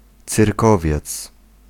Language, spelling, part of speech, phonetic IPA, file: Polish, cyrkowiec, noun, [t͡sɨrˈkɔvʲjɛt͡s], Pl-cyrkowiec.ogg